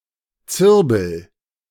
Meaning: 1. arolla pine, stone pine, Swiss pine 2. fir-cone
- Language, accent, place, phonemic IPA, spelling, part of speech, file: German, Germany, Berlin, /ˈt͡sɪʁbl̩/, Zirbel, noun, De-Zirbel.ogg